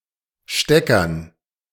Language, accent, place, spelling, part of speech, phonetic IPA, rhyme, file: German, Germany, Berlin, Steckern, noun, [ˈʃtɛkɐn], -ɛkɐn, De-Steckern.ogg
- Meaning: dative plural of Stecker